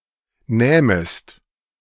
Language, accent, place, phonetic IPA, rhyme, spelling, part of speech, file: German, Germany, Berlin, [nɛːməst], -ɛːməst, nähmest, verb, De-nähmest.ogg
- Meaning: second-person singular subjunctive II of nehmen